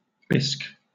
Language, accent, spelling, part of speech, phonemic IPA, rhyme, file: English, Southern England, bisque, noun / adjective / verb, /bɪsk/, -ɪsk, LL-Q1860 (eng)-bisque.wav
- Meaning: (noun) 1. A thick creamy soup made from fish, shellfish, meat or vegetables 2. A pale pinkish brown colour 3. A form of unglazed earthenware; biscuit; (adjective) Of a pale pinkish brown colour